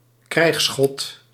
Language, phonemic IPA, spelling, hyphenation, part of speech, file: Dutch, /ˈkrɛi̯xs.xɔt/, krijgsgod, krijgs‧god, noun, Nl-krijgsgod.ogg
- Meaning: god of war